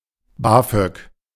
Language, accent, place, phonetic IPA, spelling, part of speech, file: German, Germany, Berlin, [ˈbaːfœk], BAföG, noun, De-BAföG.ogg
- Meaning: alternative letter-case form of Bafög